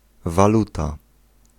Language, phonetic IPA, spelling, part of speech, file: Polish, [vaˈluta], waluta, noun, Pl-waluta.ogg